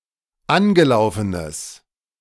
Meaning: strong/mixed nominative/accusative neuter singular of angelaufen
- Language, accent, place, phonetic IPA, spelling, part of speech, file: German, Germany, Berlin, [ˈanɡəˌlaʊ̯fənəs], angelaufenes, adjective, De-angelaufenes.ogg